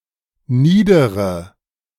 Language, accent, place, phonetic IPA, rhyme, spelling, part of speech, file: German, Germany, Berlin, [ˈniːdəʁə], -iːdəʁə, niedere, adjective, De-niedere.ogg
- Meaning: inflection of nieder: 1. strong/mixed nominative/accusative feminine singular 2. strong nominative/accusative plural 3. weak nominative all-gender singular 4. weak accusative feminine/neuter singular